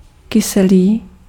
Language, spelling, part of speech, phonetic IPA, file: Czech, kyselý, adjective, [ˈkɪsɛliː], Cs-kyselý.ogg
- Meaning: 1. sour 2. acid, acidic 3. bitter; harsh